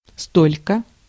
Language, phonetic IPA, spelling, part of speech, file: Russian, [ˈstolʲkə], столько, adverb / pronoun, Ru-столько.ogg
- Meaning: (adverb) 1. this much, this long 2. so much; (pronoun) 1. this/that much/many 2. so much, so many